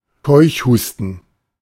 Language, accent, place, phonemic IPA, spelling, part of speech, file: German, Germany, Berlin, /ˈkɔɪ̯çˌhuːstn̩/, Keuchhusten, noun, De-Keuchhusten.ogg
- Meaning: whooping cough